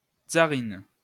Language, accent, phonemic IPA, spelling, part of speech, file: French, France, /tsa.ʁin/, tzarine, noun, LL-Q150 (fra)-tzarine.wav
- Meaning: alternative form of tsarine